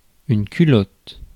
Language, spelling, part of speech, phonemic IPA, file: French, culotte, noun, /ky.lɔt/, Fr-culotte.ogg
- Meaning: 1. panties, knickers 2. trousers, pants; shorts 3. breeches